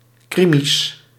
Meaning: plural of krimi
- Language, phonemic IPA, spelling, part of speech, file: Dutch, /ˈkrimis/, krimi's, noun, Nl-krimi's.ogg